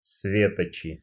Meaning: nominative/accusative plural of све́точ (svétoč)
- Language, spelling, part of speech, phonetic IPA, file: Russian, светочи, noun, [ˈsvʲetət͡ɕɪ], Ru-светочи.ogg